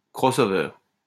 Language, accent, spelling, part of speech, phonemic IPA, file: French, France, crossover, noun, /kʁɔ.sɔ.vœʁ/, LL-Q150 (fra)-crossover.wav
- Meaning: crossover (car)